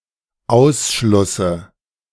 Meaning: dative singular of Ausschluss
- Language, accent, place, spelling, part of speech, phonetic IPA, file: German, Germany, Berlin, Ausschlusse, noun, [ˈaʊ̯sʃlʊsə], De-Ausschlusse.ogg